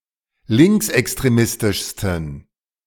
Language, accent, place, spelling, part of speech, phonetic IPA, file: German, Germany, Berlin, linksextremistischsten, adjective, [ˈlɪŋksʔɛkstʁeˌmɪstɪʃstn̩], De-linksextremistischsten.ogg
- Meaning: 1. superlative degree of linksextremistisch 2. inflection of linksextremistisch: strong genitive masculine/neuter singular superlative degree